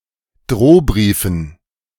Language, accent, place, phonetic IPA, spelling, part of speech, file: German, Germany, Berlin, [ˈdʁoːˌbʁiːfn̩], Drohbriefen, noun, De-Drohbriefen.ogg
- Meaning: dative plural of Drohbrief